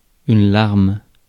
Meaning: 1. tear; teardrop 2. drop (small amount of a beverage)
- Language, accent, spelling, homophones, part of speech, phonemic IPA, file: French, France, larme, larmes, noun, /laʁm/, Fr-larme.ogg